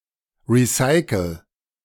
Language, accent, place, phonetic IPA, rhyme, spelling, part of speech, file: German, Germany, Berlin, [ˌʁiˈsaɪ̯kl̩], -aɪ̯kl̩, recycel, verb, De-recycel.ogg
- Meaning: inflection of recyceln: 1. first-person singular present 2. singular imperative